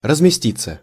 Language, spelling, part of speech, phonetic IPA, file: Russian, разместиться, verb, [rəzmʲɪˈsʲtʲit͡sːə], Ru-разместиться.ogg
- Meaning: 1. to take seats 2. to be quartered, to be housed, to be accommodated 3. passive of размести́ть (razmestítʹ)